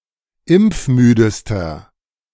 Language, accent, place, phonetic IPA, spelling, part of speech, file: German, Germany, Berlin, [ˈɪmp͡fˌmyːdəstɐ], impfmüdester, adjective, De-impfmüdester.ogg
- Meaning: inflection of impfmüde: 1. strong/mixed nominative masculine singular superlative degree 2. strong genitive/dative feminine singular superlative degree 3. strong genitive plural superlative degree